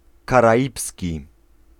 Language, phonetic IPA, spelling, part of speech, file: Polish, [ˌkaraˈʲipsʲci], karaibski, adjective, Pl-karaibski.ogg